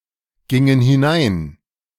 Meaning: inflection of hineingehen: 1. first/third-person plural preterite 2. first/third-person plural subjunctive II
- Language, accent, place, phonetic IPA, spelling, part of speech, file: German, Germany, Berlin, [ˌɡɪŋən hɪˈnaɪ̯n], gingen hinein, verb, De-gingen hinein.ogg